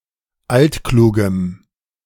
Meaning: inflection of altklug: 1. strong genitive masculine/neuter singular 2. weak/mixed genitive/dative all-gender singular 3. strong/weak/mixed accusative masculine singular 4. strong dative plural
- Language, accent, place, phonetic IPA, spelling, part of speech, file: German, Germany, Berlin, [ˈaltˌkluːɡn̩], altklugen, adjective, De-altklugen.ogg